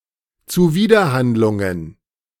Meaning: plural of Zuwiderhandlung
- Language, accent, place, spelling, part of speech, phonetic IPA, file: German, Germany, Berlin, Zuwiderhandlungen, noun, [t͡suˈviːdɐˌhandlʊŋən], De-Zuwiderhandlungen.ogg